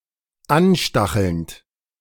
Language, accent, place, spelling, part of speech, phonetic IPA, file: German, Germany, Berlin, anstachelnd, verb, [ˈanˌʃtaxl̩nt], De-anstachelnd.ogg
- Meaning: present participle of anstacheln